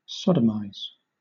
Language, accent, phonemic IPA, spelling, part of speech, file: English, Southern England, /ˈsɒdəmaɪz/, sodomise, verb, LL-Q1860 (eng)-sodomise.wav
- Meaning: To engage in sodomy with (someone); to engage in anal (or, rarely, oral) sex as the penetrator (especially without consent)